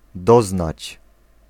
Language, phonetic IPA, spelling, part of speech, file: Polish, [ˈdɔznat͡ɕ], doznać, verb, Pl-doznać.ogg